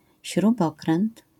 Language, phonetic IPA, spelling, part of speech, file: Polish, [ɕruˈbɔkrɛ̃nt], śrubokręt, noun, LL-Q809 (pol)-śrubokręt.wav